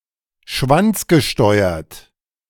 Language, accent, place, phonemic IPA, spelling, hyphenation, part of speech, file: German, Germany, Berlin, /ˈʃvant͡sɡəˌʃtɔɪ̯ɐt/, schwanzgesteuert, schwanz‧ge‧steu‧ert, adjective, De-schwanzgesteuert.ogg
- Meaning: cock-driven (obsessed with sex)